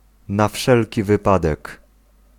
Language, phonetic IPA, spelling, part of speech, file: Polish, [na‿ˈfʃɛlʲci vɨˈpadɛk], na wszelki wypadek, adverbial phrase, Pl-na wszelki wypadek.ogg